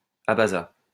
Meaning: Abaza (language)
- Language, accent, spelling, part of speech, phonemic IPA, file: French, France, abaza, noun, /a.ba.za/, LL-Q150 (fra)-abaza.wav